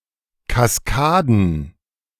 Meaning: plural of Kaskade
- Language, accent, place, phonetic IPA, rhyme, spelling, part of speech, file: German, Germany, Berlin, [kasˈkaːdn̩], -aːdn̩, Kaskaden, noun, De-Kaskaden.ogg